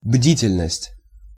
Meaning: vigilance, watchfulness
- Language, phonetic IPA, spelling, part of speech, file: Russian, [ˈbdʲitʲɪlʲnəsʲtʲ], бдительность, noun, Ru-бдительность.ogg